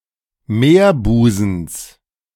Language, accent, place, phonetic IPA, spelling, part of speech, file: German, Germany, Berlin, [ˈmeːɐ̯ˌbuːzn̩s], Meerbusens, noun, De-Meerbusens.ogg
- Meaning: genitive of Meerbusen